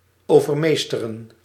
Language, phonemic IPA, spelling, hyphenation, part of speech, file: Dutch, /ˌoː.vərˈmeː.stə.rə(n)/, overmeesteren, over‧mees‧te‧ren, verb, Nl-overmeesteren.ogg
- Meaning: to overpower, to overmaster